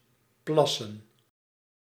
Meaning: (verb) 1. to urinate 2. to secrete (something) in urine; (noun) plural of plas
- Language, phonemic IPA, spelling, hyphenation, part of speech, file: Dutch, /ˈplɑ.sə(n)/, plassen, plas‧sen, verb / noun, Nl-plassen.ogg